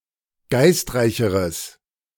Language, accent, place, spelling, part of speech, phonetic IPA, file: German, Germany, Berlin, geistreicheres, adjective, [ˈɡaɪ̯stˌʁaɪ̯çəʁəs], De-geistreicheres.ogg
- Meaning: strong/mixed nominative/accusative neuter singular comparative degree of geistreich